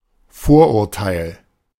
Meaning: 1. prejudice (preconceived opinion) 2. stereotype, cliché
- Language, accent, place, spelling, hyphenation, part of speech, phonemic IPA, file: German, Germany, Berlin, Vorurteil, Vor‧ur‧teil, noun, /ˈfoːr.ʊrˌtaɪ̯l/, De-Vorurteil.ogg